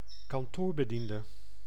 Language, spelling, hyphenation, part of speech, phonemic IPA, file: Dutch, kantoorbediende, kan‧toor‧be‧dien‧de, noun, /kɑnˈtoːr.bəˌdin.də/, Nl-kantoorbediende.ogg
- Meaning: an office clerk